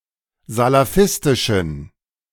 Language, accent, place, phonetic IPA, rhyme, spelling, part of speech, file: German, Germany, Berlin, [zalaˈfɪstɪʃn̩], -ɪstɪʃn̩, salafistischen, adjective, De-salafistischen.ogg
- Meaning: inflection of salafistisch: 1. strong genitive masculine/neuter singular 2. weak/mixed genitive/dative all-gender singular 3. strong/weak/mixed accusative masculine singular 4. strong dative plural